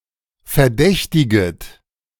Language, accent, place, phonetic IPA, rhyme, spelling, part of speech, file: German, Germany, Berlin, [fɛɐ̯ˈdɛçtɪɡət], -ɛçtɪɡət, verdächtiget, verb, De-verdächtiget.ogg
- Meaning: second-person plural subjunctive I of verdächtigen